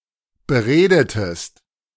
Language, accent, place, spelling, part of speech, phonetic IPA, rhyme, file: German, Germany, Berlin, beredetest, verb, [bəˈʁeːdətəst], -eːdətəst, De-beredetest.ogg
- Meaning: inflection of bereden: 1. second-person singular preterite 2. second-person singular subjunctive II